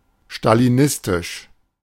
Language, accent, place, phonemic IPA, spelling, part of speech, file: German, Germany, Berlin, /ʃtaliˈnɪstɪʃ/, stalinistisch, adjective, De-stalinistisch.ogg
- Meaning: Stalinist